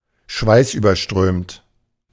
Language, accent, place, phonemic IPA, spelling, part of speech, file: German, Germany, Berlin, /ˈʃvaɪ̯sʔyːbɐˌʃtʁøːmt/, schweißüberströmt, adjective, De-schweißüberströmt.ogg
- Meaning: sweaty